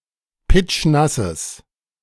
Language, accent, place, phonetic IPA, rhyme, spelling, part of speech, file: German, Germany, Berlin, [ˈpɪt͡ʃˈnasəs], -asəs, pitschnasses, adjective, De-pitschnasses.ogg
- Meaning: strong/mixed nominative/accusative neuter singular of pitschnass